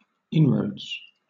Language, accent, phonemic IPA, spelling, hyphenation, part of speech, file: English, Southern England, /ˈɪnɹəʊdz/, inroads, in‧roads, noun, LL-Q1860 (eng)-inroads.wav
- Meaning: plural of inroad